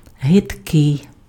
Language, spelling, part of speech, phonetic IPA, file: Ukrainian, гидкий, adjective, [ɦedˈkɪi̯], Uk-гидкий.ogg
- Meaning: disgusting